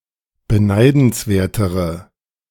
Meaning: inflection of beneidenswert: 1. strong/mixed nominative/accusative feminine singular comparative degree 2. strong nominative/accusative plural comparative degree
- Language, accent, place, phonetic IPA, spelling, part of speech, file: German, Germany, Berlin, [bəˈnaɪ̯dn̩sˌveːɐ̯təʁə], beneidenswertere, adjective, De-beneidenswertere.ogg